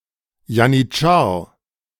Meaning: janissary (Ottoman soldier)
- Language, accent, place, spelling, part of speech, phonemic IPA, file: German, Germany, Berlin, Janitschar, noun, /janiˈt͡ʃaːɐ̯/, De-Janitschar.ogg